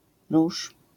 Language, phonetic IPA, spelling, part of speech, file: Polish, [ruʃ], róż, noun, LL-Q809 (pol)-róż.wav